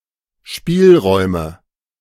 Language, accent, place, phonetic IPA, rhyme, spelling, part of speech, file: German, Germany, Berlin, [ˈʃpiːlˌʁɔɪ̯mə], -iːlʁɔɪ̯mə, Spielräume, noun, De-Spielräume.ogg
- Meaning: nominative/accusative/genitive plural of Spielraum